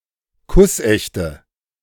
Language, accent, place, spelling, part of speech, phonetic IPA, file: German, Germany, Berlin, kussechte, adjective, [ˈkʊsˌʔɛçtə], De-kussechte.ogg
- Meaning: inflection of kussecht: 1. strong/mixed nominative/accusative feminine singular 2. strong nominative/accusative plural 3. weak nominative all-gender singular